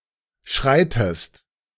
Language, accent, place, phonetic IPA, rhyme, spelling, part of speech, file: German, Germany, Berlin, [ˈʃʁaɪ̯təst], -aɪ̯təst, schreitest, verb, De-schreitest.ogg
- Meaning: inflection of schreiten: 1. second-person singular present 2. second-person singular subjunctive I